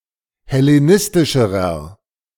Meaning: inflection of hellenistisch: 1. strong/mixed nominative masculine singular comparative degree 2. strong genitive/dative feminine singular comparative degree
- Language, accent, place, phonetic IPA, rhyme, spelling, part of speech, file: German, Germany, Berlin, [hɛleˈnɪstɪʃəʁɐ], -ɪstɪʃəʁɐ, hellenistischerer, adjective, De-hellenistischerer.ogg